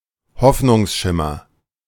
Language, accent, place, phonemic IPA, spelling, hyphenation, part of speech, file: German, Germany, Berlin, /ˈhɔfnʊŋsˌʃɪmɐ/, Hoffnungsschimmer, Hoff‧nungs‧schim‧mer, noun, De-Hoffnungsschimmer.ogg
- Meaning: glimmer of hope